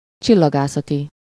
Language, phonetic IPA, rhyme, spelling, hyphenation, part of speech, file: Hungarian, [ˈt͡ʃilːɒɡaːsɒti], -ti, csillagászati, csil‧la‧gá‧sza‧ti, adjective, Hu-csillagászati.ogg
- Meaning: astronomical